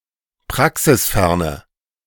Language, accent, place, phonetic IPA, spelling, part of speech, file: German, Germany, Berlin, [ˈpʁaksɪsˌfɛʁnə], praxisferne, adjective, De-praxisferne.ogg
- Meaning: inflection of praxisfern: 1. strong/mixed nominative/accusative feminine singular 2. strong nominative/accusative plural 3. weak nominative all-gender singular